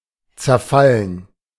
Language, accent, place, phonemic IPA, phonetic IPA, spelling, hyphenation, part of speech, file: German, Germany, Berlin, /tsɛʁˈfalən/, [tsɛɐ̯ˈfaln], zerfallen, zer‧fal‧len, verb, De-zerfallen.ogg
- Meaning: 1. to disintegrate 2. to decay